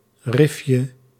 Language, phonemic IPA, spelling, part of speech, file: Dutch, /ˈrɪfjə/, rifje, noun, Nl-rifje.ogg
- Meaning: diminutive of rif